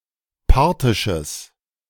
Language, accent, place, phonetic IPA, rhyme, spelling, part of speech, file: German, Germany, Berlin, [ˈpaʁtɪʃəs], -aʁtɪʃəs, parthisches, adjective, De-parthisches.ogg
- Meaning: strong/mixed nominative/accusative neuter singular of parthisch